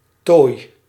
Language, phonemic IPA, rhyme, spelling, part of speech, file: Dutch, /toːi̯/, -oːi̯, tooi, noun / verb, Nl-tooi.ogg
- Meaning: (noun) adornment; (verb) inflection of tooien: 1. first-person singular present indicative 2. second-person singular present indicative 3. imperative